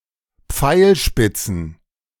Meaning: plural of Pfeilspitze
- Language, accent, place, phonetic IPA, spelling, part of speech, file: German, Germany, Berlin, [ˈp͡faɪ̯lˌʃpɪt͡sn̩], Pfeilspitzen, noun, De-Pfeilspitzen.ogg